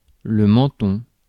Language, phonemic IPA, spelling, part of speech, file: French, /mɑ̃.tɔ̃/, menton, noun, Fr-menton.ogg
- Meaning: chin